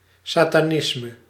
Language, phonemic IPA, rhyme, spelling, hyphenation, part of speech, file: Dutch, /ˌsaː.taːˈnɪs.mə/, -ɪsmə, satanisme, sa‧ta‧nis‧me, noun, Nl-satanisme.ogg
- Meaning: satanism